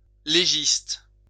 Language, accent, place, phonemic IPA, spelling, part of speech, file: French, France, Lyon, /le.ʒist/, légiste, noun, LL-Q150 (fra)-légiste.wav
- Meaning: 1. jurist 2. coroner